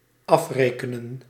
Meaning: 1. to pay (a purchase, an owed amount) 2. to settle 3. to kill
- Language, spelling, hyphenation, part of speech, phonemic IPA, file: Dutch, afrekenen, af‧re‧ke‧nen, verb, /ˈɑfreːkənə(n)/, Nl-afrekenen.ogg